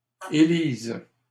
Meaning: third-person plural present indicative/subjunctive of élire
- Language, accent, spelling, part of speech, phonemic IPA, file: French, Canada, élisent, verb, /e.liz/, LL-Q150 (fra)-élisent.wav